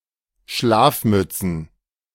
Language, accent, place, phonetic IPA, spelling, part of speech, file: German, Germany, Berlin, [ˈʃlaːfˌmʏt͡sn̩], Schlafmützen, noun, De-Schlafmützen.ogg
- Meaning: plural of Schlafmütze